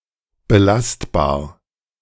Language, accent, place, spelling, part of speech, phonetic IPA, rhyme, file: German, Germany, Berlin, belastbar, adjective, [bəˈlastbaːɐ̯], -astbaːɐ̯, De-belastbar.ogg
- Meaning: 1. resilient, reliable 2. loadable